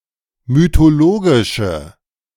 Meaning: inflection of mythologisch: 1. strong/mixed nominative/accusative feminine singular 2. strong nominative/accusative plural 3. weak nominative all-gender singular
- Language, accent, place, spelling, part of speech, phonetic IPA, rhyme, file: German, Germany, Berlin, mythologische, adjective, [mytoˈloːɡɪʃə], -oːɡɪʃə, De-mythologische.ogg